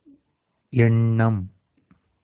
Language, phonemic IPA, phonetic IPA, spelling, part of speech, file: Tamil, /ɛɳːɐm/, [e̞ɳːɐm], எண்ணம், noun, Ta-எண்ணம்.ogg
- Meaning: 1. conception, thought, idea 2. intention, plan 3. opinion 4. an idea; an instance of thinking 5. end, goal 6. deference, respect, reverence 7. deliberation, counsel